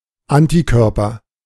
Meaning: antibody
- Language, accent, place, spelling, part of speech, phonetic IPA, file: German, Germany, Berlin, Antikörper, noun, [ˈantiˌkœʁpɐ], De-Antikörper.ogg